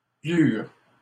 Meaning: 1. peel, rind (of a fruit) 2. skin (of an onion)
- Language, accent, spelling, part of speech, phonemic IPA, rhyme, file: French, Canada, pelure, noun, /pə.lyʁ/, -yʁ, LL-Q150 (fra)-pelure.wav